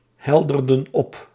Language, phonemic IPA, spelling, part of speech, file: Dutch, /ˈhɛldərdə(n) ˈɔp/, helderden op, verb, Nl-helderden op.ogg
- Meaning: inflection of ophelderen: 1. plural past indicative 2. plural past subjunctive